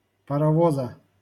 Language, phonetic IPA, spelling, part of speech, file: Russian, [pərɐˈvozə], паровоза, noun, LL-Q7737 (rus)-паровоза.wav
- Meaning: genitive singular of парово́з (parovóz)